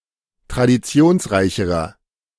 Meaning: inflection of traditionsreich: 1. strong/mixed nominative masculine singular comparative degree 2. strong genitive/dative feminine singular comparative degree
- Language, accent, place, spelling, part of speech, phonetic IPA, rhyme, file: German, Germany, Berlin, traditionsreicherer, adjective, [tʁadiˈt͡si̯oːnsˌʁaɪ̯çəʁɐ], -oːnsʁaɪ̯çəʁɐ, De-traditionsreicherer.ogg